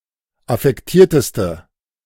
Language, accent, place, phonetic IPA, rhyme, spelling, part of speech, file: German, Germany, Berlin, [afɛkˈtiːɐ̯təstə], -iːɐ̯təstə, affektierteste, adjective, De-affektierteste.ogg
- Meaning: inflection of affektiert: 1. strong/mixed nominative/accusative feminine singular superlative degree 2. strong nominative/accusative plural superlative degree